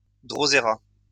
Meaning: drosera (plant)
- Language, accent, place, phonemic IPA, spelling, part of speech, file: French, France, Lyon, /dʁo.ze.ʁa/, droséra, noun, LL-Q150 (fra)-droséra.wav